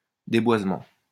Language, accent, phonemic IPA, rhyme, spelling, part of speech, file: French, France, /de.bwaz.mɑ̃/, -ɑ̃, déboisement, noun, LL-Q150 (fra)-déboisement.wav
- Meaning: deforestation